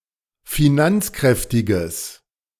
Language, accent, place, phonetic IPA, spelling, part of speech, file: German, Germany, Berlin, [fiˈnant͡sˌkʁɛftɪɡəs], finanzkräftiges, adjective, De-finanzkräftiges.ogg
- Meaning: strong/mixed nominative/accusative neuter singular of finanzkräftig